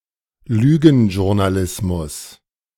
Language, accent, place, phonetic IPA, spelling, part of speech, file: German, Germany, Berlin, [ˈlyː.ɡŋ̩.ʒʊɐ̯naˌlɪsmʊs], Lügenjournalismus, noun, De-Lügenjournalismus.ogg
- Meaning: lying journalism